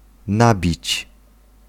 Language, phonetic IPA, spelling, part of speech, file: Polish, [ˈnabʲit͡ɕ], nabić, verb, Pl-nabić.ogg